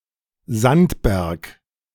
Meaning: mountain of sand
- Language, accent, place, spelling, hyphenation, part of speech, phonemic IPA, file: German, Germany, Berlin, Sandberg, Sand‧berg, noun, /ˈzantˌbɛʁk/, De-Sandberg.ogg